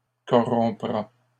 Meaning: third-person singular simple future of corrompre
- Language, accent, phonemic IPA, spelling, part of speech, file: French, Canada, /kɔ.ʁɔ̃.pʁa/, corrompra, verb, LL-Q150 (fra)-corrompra.wav